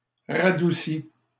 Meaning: past participle of radoucir
- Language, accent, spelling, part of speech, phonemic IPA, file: French, Canada, radouci, verb, /ʁa.du.si/, LL-Q150 (fra)-radouci.wav